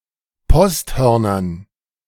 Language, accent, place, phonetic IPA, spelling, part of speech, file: German, Germany, Berlin, [ˈpɔstˌhœʁnɐn], Posthörnern, noun, De-Posthörnern.ogg
- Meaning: dative plural of Posthorn